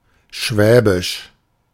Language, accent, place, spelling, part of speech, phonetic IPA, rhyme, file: German, Germany, Berlin, schwäbisch, adjective, [ˈʃvɛːbɪʃ], -ɛːbɪʃ, De-schwäbisch.ogg
- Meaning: Swabian (of or pertaining to Swabia)